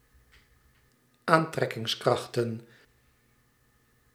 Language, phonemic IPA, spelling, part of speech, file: Dutch, /ˈantrɛkɪŋsˌkraxtə(n)/, aantrekkingskrachten, noun, Nl-aantrekkingskrachten.ogg
- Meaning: plural of aantrekkingskracht